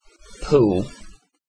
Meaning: A town in Bournemouth, Christchurch and Poole district, Dorset, England
- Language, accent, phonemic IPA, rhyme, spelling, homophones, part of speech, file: English, UK, /puːl/, -uːl, Poole, pool, proper noun, En-uk-Poole.ogg